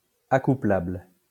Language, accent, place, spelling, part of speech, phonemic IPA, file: French, France, Lyon, accouplable, adjective, /a.ku.plabl/, LL-Q150 (fra)-accouplable.wav
- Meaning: 1. matchable, connectable 2. That will mate